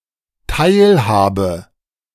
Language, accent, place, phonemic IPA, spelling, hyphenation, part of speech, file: German, Germany, Berlin, /ˈtaɪ̯lˌhaːbə/, Teilhabe, Teil‧ha‧be, noun, De-Teilhabe.ogg
- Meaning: 1. participation 2. methexis